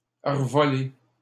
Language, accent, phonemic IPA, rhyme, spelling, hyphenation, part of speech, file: French, Canada, /ʁə.vɔ.le/, -e, revoler, re‧vo‧ler, verb, LL-Q150 (fra)-revoler.wav
- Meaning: 1. to fly again or back 2. to squirt